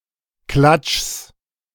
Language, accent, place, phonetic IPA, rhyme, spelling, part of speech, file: German, Germany, Berlin, [klat͡ʃs], -at͡ʃs, Klatschs, noun, De-Klatschs.ogg
- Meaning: genitive singular of Klatsch